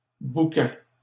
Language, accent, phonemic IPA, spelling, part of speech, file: French, Canada, /bu.kɛ/, bouquets, noun, LL-Q150 (fra)-bouquets.wav
- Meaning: plural of bouquet